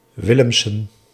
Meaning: alternative form of Willems, a surname originating as a patronymic
- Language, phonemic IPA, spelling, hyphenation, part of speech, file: Dutch, /ˈʋɪ.ləm.sə(n)/, Willemsen, Wil‧lem‧sen, proper noun, Nl-Willemsen.ogg